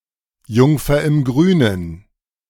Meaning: love-in-a-mist, Nigella damascena
- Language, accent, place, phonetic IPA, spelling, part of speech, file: German, Germany, Berlin, [ˈjʊŋfɐ ɪm ˈɡʁyːnən], Jungfer im Grünen, phrase, De-Jungfer im Grünen.ogg